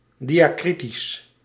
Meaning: diacritical, diacritic
- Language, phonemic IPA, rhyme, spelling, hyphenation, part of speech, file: Dutch, /ˌdi.aːˈkri.tis/, -itis, diakritisch, di‧a‧kri‧tisch, adjective, Nl-diakritisch.ogg